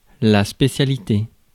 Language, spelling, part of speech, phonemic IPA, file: French, spécialité, noun, /spe.sja.li.te/, Fr-spécialité.ogg
- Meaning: speciality